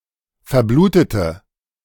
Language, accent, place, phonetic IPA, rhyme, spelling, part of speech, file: German, Germany, Berlin, [fɛɐ̯ˈbluːtətə], -uːtətə, verblutete, adjective / verb, De-verblutete.ogg
- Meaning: inflection of verbluten: 1. first/third-person singular preterite 2. first/third-person singular subjunctive II